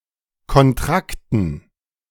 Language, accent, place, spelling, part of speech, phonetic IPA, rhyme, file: German, Germany, Berlin, Kontrakten, noun, [kɔnˈtʁaktn̩], -aktn̩, De-Kontrakten.ogg
- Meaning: dative plural of Kontrakt